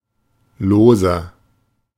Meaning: 1. comparative degree of lose 2. inflection of lose: strong/mixed nominative masculine singular 3. inflection of lose: strong genitive/dative feminine singular
- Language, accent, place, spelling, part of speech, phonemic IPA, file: German, Germany, Berlin, loser, adjective, /ˈloːzɐ/, De-loser.ogg